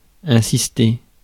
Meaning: to insist, emphasize
- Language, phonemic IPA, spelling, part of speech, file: French, /ɛ̃.sis.te/, insister, verb, Fr-insister.ogg